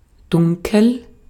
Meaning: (adjective) 1. dark 2. deep 3. vague, faint; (verb) inflection of dunkeln: 1. first-person singular present 2. singular imperative
- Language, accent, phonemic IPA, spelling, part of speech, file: German, Austria, /ˈdʊŋkəl/, dunkel, adjective / verb, De-at-dunkel.ogg